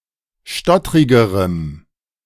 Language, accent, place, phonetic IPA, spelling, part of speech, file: German, Germany, Berlin, [ˈʃtɔtʁɪɡəʁəm], stottrigerem, adjective, De-stottrigerem.ogg
- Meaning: strong dative masculine/neuter singular comparative degree of stottrig